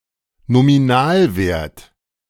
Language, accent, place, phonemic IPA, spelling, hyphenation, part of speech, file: German, Germany, Berlin, /ˌnomiˈnaːlveːrt/, Nominalwert, No‧mi‧nal‧wert, noun, De-Nominalwert.ogg
- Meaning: nominal value, face value